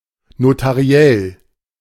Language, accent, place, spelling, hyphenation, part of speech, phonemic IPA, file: German, Germany, Berlin, notariell, no‧ta‧ri‧ell, adjective, /notaˈʁi̯ɛl/, De-notariell.ogg
- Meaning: notarial